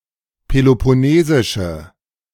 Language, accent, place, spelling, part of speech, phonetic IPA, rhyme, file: German, Germany, Berlin, peloponnesische, adjective, [pelopɔˈneːzɪʃə], -eːzɪʃə, De-peloponnesische.ogg
- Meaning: inflection of peloponnesisch: 1. strong/mixed nominative/accusative feminine singular 2. strong nominative/accusative plural 3. weak nominative all-gender singular